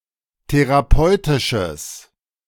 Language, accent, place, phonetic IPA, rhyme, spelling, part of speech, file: German, Germany, Berlin, [teʁaˈpɔɪ̯tɪʃəs], -ɔɪ̯tɪʃəs, therapeutisches, adjective, De-therapeutisches.ogg
- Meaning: strong/mixed nominative/accusative neuter singular of therapeutisch